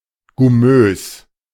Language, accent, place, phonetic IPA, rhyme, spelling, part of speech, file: German, Germany, Berlin, [ɡʊˈmøːs], -øːs, gummös, adjective, De-gummös.ogg
- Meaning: gummatous